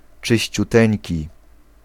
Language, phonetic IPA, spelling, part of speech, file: Polish, [ˌt͡ʃɨɕt͡ɕuˈtɛ̃ɲci], czyściuteńki, adjective, Pl-czyściuteńki.ogg